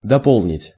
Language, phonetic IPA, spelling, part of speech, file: Russian, [dɐˈpoɫnʲɪtʲ], дополнить, verb, Ru-дополнить.ogg
- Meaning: to supplement, to add, to amplify, to supply, to enlarge, to expand, to complete, to fill up